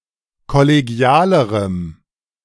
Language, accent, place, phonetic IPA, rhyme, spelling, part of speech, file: German, Germany, Berlin, [kɔleˈɡi̯aːləʁəm], -aːləʁəm, kollegialerem, adjective, De-kollegialerem.ogg
- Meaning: strong dative masculine/neuter singular comparative degree of kollegial